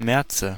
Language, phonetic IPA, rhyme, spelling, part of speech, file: German, [ˈmɛʁt͡sə], -ɛʁt͡sə, Märze, noun, De-Märze.ogg
- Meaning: nominative/accusative/genitive plural of März